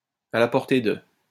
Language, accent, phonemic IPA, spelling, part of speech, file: French, France, /a la pɔʁ.te də/, à la portée de, adverb / adjective, LL-Q150 (fra)-à la portée de.wav
- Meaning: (adverb) within reach; within one's grasp; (adjective) attainable